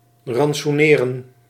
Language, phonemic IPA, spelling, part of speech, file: Dutch, /rɑnt.suˈneː.rə(n)/, rantsoeneren, verb, Nl-rantsoeneren.ogg
- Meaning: to ration, to provide with supplies